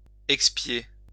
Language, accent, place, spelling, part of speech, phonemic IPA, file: French, France, Lyon, expier, verb, /ɛk.spje/, LL-Q150 (fra)-expier.wav
- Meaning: to expiate, to make amends for, atone for